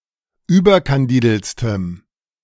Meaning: strong dative masculine/neuter singular superlative degree of überkandidelt
- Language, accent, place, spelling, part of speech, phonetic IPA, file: German, Germany, Berlin, überkandideltstem, adjective, [ˈyːbɐkanˌdiːdl̩t͡stəm], De-überkandideltstem.ogg